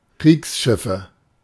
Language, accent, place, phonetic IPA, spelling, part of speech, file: German, Germany, Berlin, [ˈkʁiːksˌʃɪfə], Kriegsschiffe, noun, De-Kriegsschiffe.ogg
- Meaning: nominative/accusative/genitive plural of Kriegsschiff